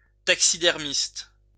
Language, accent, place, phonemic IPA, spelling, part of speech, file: French, France, Lyon, /tak.si.dɛʁ.mist/, taxidermiste, noun, LL-Q150 (fra)-taxidermiste.wav
- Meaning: taxidermist